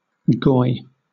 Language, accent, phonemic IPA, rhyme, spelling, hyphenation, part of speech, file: English, Southern England, /ɡɔɪ/, -ɔɪ, goy, goy, noun, LL-Q1860 (eng)-goy.wav
- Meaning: 1. A non-Jew; a gentile 2. Synonym of shabbos goy (“a gentile thought to be subservient to Jewish people”) 3. A mindless consumer of low-quality entertainment and products ("goyslop"); a consoomer